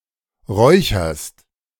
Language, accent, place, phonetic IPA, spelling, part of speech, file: German, Germany, Berlin, [ˈʁɔɪ̯çɐst], räucherst, verb, De-räucherst.ogg
- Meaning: second-person singular present of räuchern